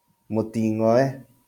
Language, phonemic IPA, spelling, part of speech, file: Kikuyu, /mò.tìː.ŋɔ̀.ɛ́ꜜ/, mũting'oe, noun, LL-Q33587 (kik)-mũting'oe.wav
- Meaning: tail